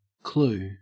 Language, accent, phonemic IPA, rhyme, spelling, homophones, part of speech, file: English, Australia, /kluː/, -uː, clue, clew / clou / CLU, noun / verb, En-au-clue.ogg
- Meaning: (noun) 1. A strand of yarn etc. as used to guide one through a labyrinth; something which points the way, a guide 2. Information which may lead one to a certain point or conclusion